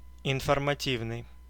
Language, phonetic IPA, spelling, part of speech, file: Russian, [ɪnfərmɐˈtʲivnɨj], информативный, adjective, Ru-информативный.ogg
- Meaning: informative